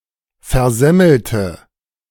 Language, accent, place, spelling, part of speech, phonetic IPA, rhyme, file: German, Germany, Berlin, versemmelte, adjective / verb, [fɛɐ̯ˈzɛml̩tə], -ɛml̩tə, De-versemmelte.ogg
- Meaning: inflection of versemmeln: 1. first/third-person singular preterite 2. first/third-person singular subjunctive II